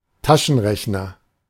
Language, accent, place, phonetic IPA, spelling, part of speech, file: German, Germany, Berlin, [ˈtaʃn̩ˌʁɛçnɐ], Taschenrechner, noun, De-Taschenrechner.ogg
- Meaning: electronic pocket calculator